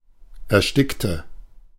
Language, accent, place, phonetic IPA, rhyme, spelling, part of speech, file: German, Germany, Berlin, [ɛɐ̯ˈʃtɪktə], -ɪktə, erstickte, adjective / verb, De-erstickte.ogg
- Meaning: inflection of ersticken: 1. first/third-person singular preterite 2. first/third-person singular subjunctive II